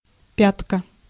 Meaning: heel
- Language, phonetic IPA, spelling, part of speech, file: Russian, [ˈpʲatkə], пятка, noun, Ru-пятка.ogg